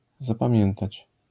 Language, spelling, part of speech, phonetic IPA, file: Polish, zapamiętać, verb, [ˌzapãˈmʲjɛ̃ntat͡ɕ], LL-Q809 (pol)-zapamiętać.wav